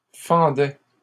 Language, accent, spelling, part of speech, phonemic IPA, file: French, Canada, fendaient, verb, /fɑ̃.dɛ/, LL-Q150 (fra)-fendaient.wav
- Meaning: third-person plural imperfect indicative of fendre